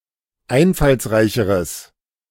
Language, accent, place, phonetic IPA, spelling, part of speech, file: German, Germany, Berlin, [ˈaɪ̯nfalsˌʁaɪ̯çəʁəs], einfallsreicheres, adjective, De-einfallsreicheres.ogg
- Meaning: strong/mixed nominative/accusative neuter singular comparative degree of einfallsreich